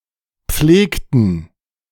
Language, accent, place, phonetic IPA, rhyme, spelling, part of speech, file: German, Germany, Berlin, [ˈp͡fleːktn̩], -eːktn̩, pflegten, verb, De-pflegten.ogg
- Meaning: inflection of pflegen: 1. first/third-person plural preterite 2. first/third-person plural subjunctive II